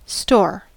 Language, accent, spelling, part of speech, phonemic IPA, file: English, US, store, noun / verb, /stɔɹ/, En-us-store.ogg
- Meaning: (noun) 1. A place where items may be accumulated or routinely kept 2. A supply held in storage 3. A building (or portion thereof) where items may be purchased 4. Memory